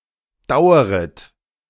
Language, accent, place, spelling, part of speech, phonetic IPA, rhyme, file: German, Germany, Berlin, daueret, verb, [ˈdaʊ̯əʁət], -aʊ̯əʁət, De-daueret.ogg
- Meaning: second-person plural subjunctive I of dauern